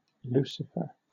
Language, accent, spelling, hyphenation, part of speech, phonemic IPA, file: English, Southern England, Lucifer, Lu‧ci‧fer, proper noun, /ˈluːsɪfə/, LL-Q1860 (eng)-Lucifer.wav
- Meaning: The planet Venus as the daystar (the morning star)